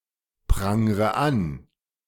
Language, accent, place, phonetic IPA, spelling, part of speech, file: German, Germany, Berlin, [ˌpʁaŋʁə ˈan], prangre an, verb, De-prangre an.ogg
- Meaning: inflection of anprangern: 1. first-person singular present 2. first/third-person singular subjunctive I 3. singular imperative